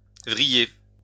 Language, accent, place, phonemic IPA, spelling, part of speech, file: French, France, Lyon, /vʁi.je/, vriller, verb, LL-Q150 (fra)-vriller.wav
- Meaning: 1. to spiral; to spin 2. to twist; to roll up; to wrap up 3. to gimlet; to bore; to pierce 4. to torment; to penetrate painfully 5. to stare piercingly 6. to break down